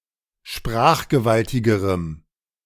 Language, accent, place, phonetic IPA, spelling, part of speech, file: German, Germany, Berlin, [ˈʃpʁaːxɡəˌvaltɪɡəʁəm], sprachgewaltigerem, adjective, De-sprachgewaltigerem.ogg
- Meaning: strong dative masculine/neuter singular comparative degree of sprachgewaltig